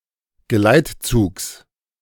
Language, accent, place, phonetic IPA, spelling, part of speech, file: German, Germany, Berlin, [ɡəˈlaɪ̯tˌt͡suːks], Geleitzugs, noun, De-Geleitzugs.ogg
- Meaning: genitive singular of Geleitzug